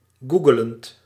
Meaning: present participle of googelen
- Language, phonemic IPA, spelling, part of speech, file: Dutch, /ˈɡu.ɡə.lənt/, googelend, verb, Nl-googelend.ogg